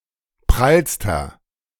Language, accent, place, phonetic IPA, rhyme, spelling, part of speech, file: German, Germany, Berlin, [ˈpʁalstɐ], -alstɐ, prallster, adjective, De-prallster.ogg
- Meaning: inflection of prall: 1. strong/mixed nominative masculine singular superlative degree 2. strong genitive/dative feminine singular superlative degree 3. strong genitive plural superlative degree